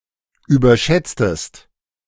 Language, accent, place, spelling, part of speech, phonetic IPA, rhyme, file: German, Germany, Berlin, überschätztest, verb, [yːbɐˈʃɛt͡stəst], -ɛt͡stəst, De-überschätztest.ogg
- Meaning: inflection of überschätzen: 1. second-person singular preterite 2. second-person singular subjunctive II